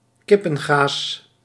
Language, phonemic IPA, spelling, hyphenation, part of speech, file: Dutch, /ˈkɪ.pə(n)ˌɣaːs/, kippengaas, kip‧pen‧gaas, noun, Nl-kippengaas.ogg
- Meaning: chicken wire (relatively fine and flexible gauze with hexagonal holes)